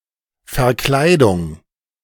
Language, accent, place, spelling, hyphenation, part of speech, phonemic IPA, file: German, Germany, Berlin, Verkleidung, Ver‧klei‧dung, noun, /fɛʁˈklaɪdʊŋ/, De-Verkleidung.ogg
- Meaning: 1. disguise, costumes 2. cladding, siding, covering, cover panel, fairing (on an aircraft)